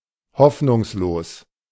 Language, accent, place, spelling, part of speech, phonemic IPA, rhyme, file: German, Germany, Berlin, hoffnungslos, adjective, /ˈhɔfnʊŋsloːs/, -oːs, De-hoffnungslos.ogg
- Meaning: hopeless